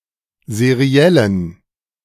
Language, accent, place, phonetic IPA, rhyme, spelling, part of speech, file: German, Germany, Berlin, [zeˈʁi̯ɛlən], -ɛlən, seriellen, adjective, De-seriellen.ogg
- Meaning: inflection of seriell: 1. strong genitive masculine/neuter singular 2. weak/mixed genitive/dative all-gender singular 3. strong/weak/mixed accusative masculine singular 4. strong dative plural